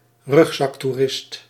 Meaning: a backpacker, tourist who carries all his or her luggage in a backpack
- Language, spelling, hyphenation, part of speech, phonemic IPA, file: Dutch, rugzaktoerist, rug‧zak‧toe‧rist, noun, /ˈrʏx.sɑk.tuˌrɪst/, Nl-rugzaktoerist.ogg